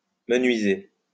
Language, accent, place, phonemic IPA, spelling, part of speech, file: French, France, Lyon, /mə.nɥi.ze/, menuiser, verb, LL-Q150 (fra)-menuiser.wav
- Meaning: to do craftwork or small handiwork